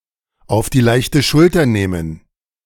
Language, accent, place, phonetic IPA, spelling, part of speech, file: German, Germany, Berlin, [aʊ̯f diː ˈlaɪ̯çtə ˈʃʊltɐ ˈneːmən], auf die leichte Schulter nehmen, verb, De-auf die leichte Schulter nehmen.ogg
- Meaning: to make light of